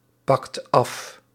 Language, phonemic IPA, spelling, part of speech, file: Dutch, /ˈpɑkt ˈɑf/, pakt af, verb, Nl-pakt af.ogg
- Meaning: inflection of afpakken: 1. second/third-person singular present indicative 2. plural imperative